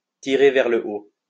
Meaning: to uplift someone, to give someone a boost
- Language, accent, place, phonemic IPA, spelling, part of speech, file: French, France, Lyon, /ti.ʁe vɛʁ lə o/, tirer vers le haut, verb, LL-Q150 (fra)-tirer vers le haut.wav